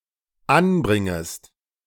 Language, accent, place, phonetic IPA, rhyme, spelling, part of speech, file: German, Germany, Berlin, [ˈanˌbʁɪŋəst], -anbʁɪŋəst, anbringest, verb, De-anbringest.ogg
- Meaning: second-person singular dependent subjunctive I of anbringen